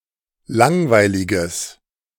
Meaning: strong/mixed nominative/accusative neuter singular of langweilig
- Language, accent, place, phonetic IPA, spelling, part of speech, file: German, Germany, Berlin, [ˈlaŋvaɪ̯lɪɡəs], langweiliges, adjective, De-langweiliges.ogg